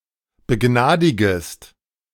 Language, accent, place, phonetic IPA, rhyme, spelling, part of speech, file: German, Germany, Berlin, [bəˈɡnaːdɪɡəst], -aːdɪɡəst, begnadigest, verb, De-begnadigest.ogg
- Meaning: second-person singular subjunctive I of begnadigen